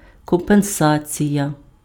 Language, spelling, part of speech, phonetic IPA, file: Ukrainian, компенсація, noun, [kɔmpenˈsat͡sʲijɐ], Uk-компенсація.ogg
- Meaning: compensation